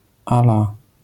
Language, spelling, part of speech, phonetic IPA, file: Polish, à la, prepositional phrase, [a‿ˈla], LL-Q809 (pol)-à la.wav